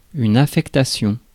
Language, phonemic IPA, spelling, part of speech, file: French, /a.fɛk.ta.sjɔ̃/, affectation, noun, Fr-affectation.ogg
- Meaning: 1. allocation, allotment 2. assignment 3. posting 4. affectation